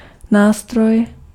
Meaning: 1. tool 2. instrument (music)
- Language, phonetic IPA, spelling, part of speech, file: Czech, [ˈnaːstroj], nástroj, noun, Cs-nástroj.ogg